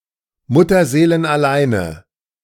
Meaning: inflection of mutterseelenallein: 1. strong/mixed nominative/accusative feminine singular 2. strong nominative/accusative plural 3. weak nominative all-gender singular
- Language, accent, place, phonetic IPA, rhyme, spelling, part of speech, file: German, Germany, Berlin, [ˌmʊtɐzeːlənʔaˈlaɪ̯nə], -aɪ̯nə, mutterseelenalleine, adjective, De-mutterseelenalleine.ogg